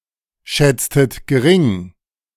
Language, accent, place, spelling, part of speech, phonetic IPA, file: German, Germany, Berlin, schätztet gering, verb, [ˌʃɛt͡stət ɡəˈʁɪŋ], De-schätztet gering.ogg
- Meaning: 1. inflection of geringschätzen: second-person plural preterite 2. inflection of geringschätzen: second-person plural subjunctive II 3. inflection of gering schätzen: second-person plural preterite